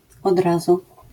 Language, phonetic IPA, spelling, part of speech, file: Polish, [ɔd‿ˈrazu], od razu, adverbial phrase, LL-Q809 (pol)-od razu.wav